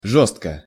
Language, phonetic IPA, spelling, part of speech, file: Russian, [ˈʐos(t)kə], жёстко, adverb / adjective, Ru-жёстко.ogg
- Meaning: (adverb) stiffly, rigidly; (adjective) short neuter singular of жёсткий (žóstkij)